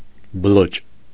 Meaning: alternative form of բլոճ (bloč)
- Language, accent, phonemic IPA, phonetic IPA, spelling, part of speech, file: Armenian, Eastern Armenian, /bəˈlod͡ʒ/, [bəlód͡ʒ], բլոջ, noun, Hy-բլոջ.ogg